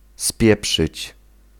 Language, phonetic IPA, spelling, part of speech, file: Polish, [ˈspʲjɛpʃɨt͡ɕ], spieprzyć, verb, Pl-spieprzyć.ogg